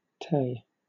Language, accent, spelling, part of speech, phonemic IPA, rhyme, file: English, Southern England, tay, noun, /teɪ/, -eɪ, LL-Q1860 (eng)-tay.wav
- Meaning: Tea